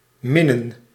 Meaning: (verb) 1. to love 2. to neck, cuddle 3. to have an affinity for 4. only used in plussen en minnen; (noun) plural of min
- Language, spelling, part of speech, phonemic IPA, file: Dutch, minnen, verb / noun, /ˈmɪnə(n)/, Nl-minnen.ogg